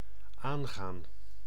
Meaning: 1. to be a concern to, to concern 2. to enter (into something), to begin (something) 3. to start, to turn on (of a machine or device, or lights) 4. to befall, to happen to
- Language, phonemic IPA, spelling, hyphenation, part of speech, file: Dutch, /ˈaːŋɣaːn/, aangaan, aan‧gaan, verb, Nl-aangaan.ogg